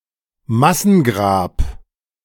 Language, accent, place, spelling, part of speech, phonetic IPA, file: German, Germany, Berlin, Massengrab, noun, [ˈmasn̩ˌɡʁaːp], De-Massengrab.ogg
- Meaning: mass grave